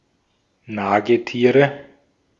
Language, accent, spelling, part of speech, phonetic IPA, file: German, Austria, Nagetiere, noun, [ˈnaːɡəˌtiːʁə], De-at-Nagetiere.ogg
- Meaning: nominative/accusative/genitive plural of Nagetier